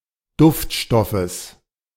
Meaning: genitive singular of Duftstoff
- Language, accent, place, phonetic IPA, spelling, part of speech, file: German, Germany, Berlin, [ˈdʊftˌʃtɔfəs], Duftstoffes, noun, De-Duftstoffes.ogg